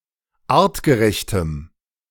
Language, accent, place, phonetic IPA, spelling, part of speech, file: German, Germany, Berlin, [ˈaːʁtɡəˌʁɛçtəm], artgerechtem, adjective, De-artgerechtem.ogg
- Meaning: strong dative masculine/neuter singular of artgerecht